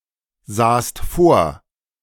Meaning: second-person singular preterite of vorsehen
- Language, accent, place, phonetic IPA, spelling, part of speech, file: German, Germany, Berlin, [ˌzaːst ˈfoːɐ̯], sahst vor, verb, De-sahst vor.ogg